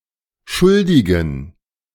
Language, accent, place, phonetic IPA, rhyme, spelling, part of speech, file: German, Germany, Berlin, [ˈʃʊldɪɡn̩], -ʊldɪɡn̩, schuldigen, adjective, De-schuldigen.ogg
- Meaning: inflection of schuldig: 1. strong genitive masculine/neuter singular 2. weak/mixed genitive/dative all-gender singular 3. strong/weak/mixed accusative masculine singular 4. strong dative plural